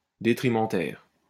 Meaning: detrimental
- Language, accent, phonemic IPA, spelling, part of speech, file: French, France, /de.tʁi.mɑ̃.tɛʁ/, détrimentaire, adjective, LL-Q150 (fra)-détrimentaire.wav